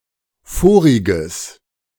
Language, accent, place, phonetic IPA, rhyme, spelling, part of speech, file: German, Germany, Berlin, [ˈfoːʁɪɡəs], -oːʁɪɡəs, voriges, adjective, De-voriges.ogg
- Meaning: strong/mixed nominative/accusative neuter singular of vorig